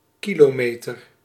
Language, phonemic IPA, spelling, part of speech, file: Dutch, /ˈkiloːˌmeːtər/, kilometer, noun, Nl-kilometer.ogg
- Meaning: kilometre